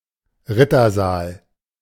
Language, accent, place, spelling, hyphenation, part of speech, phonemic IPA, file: German, Germany, Berlin, Rittersaal, Rit‧ter‧saal, noun, /ˈʁɪtɐˌzaːl/, De-Rittersaal.ogg
- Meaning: knight's hall